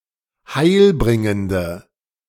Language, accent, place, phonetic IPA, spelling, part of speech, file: German, Germany, Berlin, [ˈhaɪ̯lˌbʁɪŋəndə], heilbringende, adjective, De-heilbringende.ogg
- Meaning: inflection of heilbringend: 1. strong/mixed nominative/accusative feminine singular 2. strong nominative/accusative plural 3. weak nominative all-gender singular